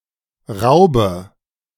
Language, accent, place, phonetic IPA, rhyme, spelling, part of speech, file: German, Germany, Berlin, [ˈʁaʊ̯bə], -aʊ̯bə, raube, verb, De-raube.ogg
- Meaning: inflection of rauben: 1. first-person singular present 2. first/third-person singular subjunctive I 3. singular imperative